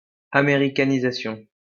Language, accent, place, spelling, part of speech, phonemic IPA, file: French, France, Lyon, américanisation, noun, /a.me.ʁi.ka.ni.za.sjɔ̃/, LL-Q150 (fra)-américanisation.wav
- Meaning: Americanization